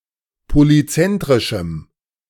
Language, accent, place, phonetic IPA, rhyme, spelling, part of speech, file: German, Germany, Berlin, [poliˈt͡sɛntʁɪʃm̩], -ɛntʁɪʃm̩, polyzentrischem, adjective, De-polyzentrischem.ogg
- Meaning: strong dative masculine/neuter singular of polyzentrisch